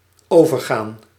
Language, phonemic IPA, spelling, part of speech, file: Dutch, /ˈovərˌɣan/, overgaan, verb, Nl-overgaan.ogg
- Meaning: 1. to turn into 2. to move up 3. switch, shift (from one thing or status to another) 4. pass on to, bequeath (transfer ownership to another) 5. to get over, cross, pass (a hurdle)